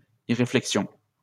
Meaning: 1. short-sightedness, thoughtlessness 2. rashness, lack of thoughts
- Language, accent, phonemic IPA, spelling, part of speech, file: French, France, /i.ʁe.flɛk.sjɔ̃/, irréflexion, noun, LL-Q150 (fra)-irréflexion.wav